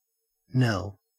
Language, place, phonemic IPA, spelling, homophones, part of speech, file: English, Queensland, /nel/, knell, Nell, verb / noun, En-au-knell.ogg
- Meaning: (verb) 1. To ring a bell slowly, especially for a funeral; to toll 2. To signal or proclaim something (especially a death) by ringing a bell 3. To summon by, or as if by, ringing a bell